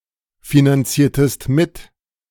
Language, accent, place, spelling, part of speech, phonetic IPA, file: German, Germany, Berlin, finanziertest mit, verb, [finanˌt͡siːɐ̯təst ˈmɪt], De-finanziertest mit.ogg
- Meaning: inflection of mitfinanzieren: 1. second-person singular preterite 2. second-person singular subjunctive II